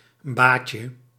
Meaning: a type of loose-fitting Malay and Indonesian shirt
- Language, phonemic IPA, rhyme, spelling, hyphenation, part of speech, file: Dutch, /ˈbaːt.jə/, -aːtjə, baadje, baad‧je, noun, Nl-baadje.ogg